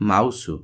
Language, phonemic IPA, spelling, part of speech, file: Odia, /mausɔ/, ମାଉସ, noun, Or-ମାଉସ.flac
- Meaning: mouse (computer device)